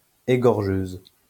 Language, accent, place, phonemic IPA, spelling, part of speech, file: French, France, Lyon, /e.ɡɔʁ.ʒøz/, égorgeuse, noun, LL-Q150 (fra)-égorgeuse.wav
- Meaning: female equivalent of égorgeur